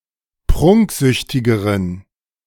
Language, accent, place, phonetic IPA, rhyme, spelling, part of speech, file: German, Germany, Berlin, [ˈpʁʊŋkˌzʏçtɪɡəʁən], -ʊŋkzʏçtɪɡəʁən, prunksüchtigeren, adjective, De-prunksüchtigeren.ogg
- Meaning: inflection of prunksüchtig: 1. strong genitive masculine/neuter singular comparative degree 2. weak/mixed genitive/dative all-gender singular comparative degree